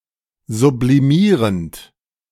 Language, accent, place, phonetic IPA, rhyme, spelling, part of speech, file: German, Germany, Berlin, [zubliˈmiːʁənt], -iːʁənt, sublimierend, verb, De-sublimierend.ogg
- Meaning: present participle of sublimieren